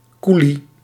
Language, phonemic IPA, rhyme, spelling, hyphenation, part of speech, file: Dutch, /ˈku.li/, -uli, koelie, koe‧lie, noun, Nl-koelie.ogg
- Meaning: 1. coolie (Asian manual worker) 2. coolie (person of Indian or Indonesian background) 3. coolie (Indian Surinamese person, a Surinamese person of Indian descent)